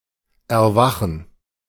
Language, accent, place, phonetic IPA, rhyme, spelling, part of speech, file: German, Germany, Berlin, [ɛɐ̯ˈvaxn̩], -axn̩, Erwachen, noun, De-Erwachen.ogg
- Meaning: gerund of erwachen; awakening